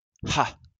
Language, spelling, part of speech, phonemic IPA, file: French, ah, interjection, /a/, LL-Q150 (fra)-ah.wav
- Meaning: ah